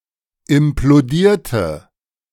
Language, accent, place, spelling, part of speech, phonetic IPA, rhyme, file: German, Germany, Berlin, implodierte, adjective / verb, [ɪmploˈdiːɐ̯tə], -iːɐ̯tə, De-implodierte.ogg
- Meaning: inflection of implodieren: 1. first/third-person singular preterite 2. first/third-person singular subjunctive II